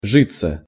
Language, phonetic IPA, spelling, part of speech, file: Russian, [ˈʐɨt͡sːə], житься, verb, Ru-житься.ogg
- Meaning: (for life) to be like, (for life) to go (used to describe conditions of life or existence)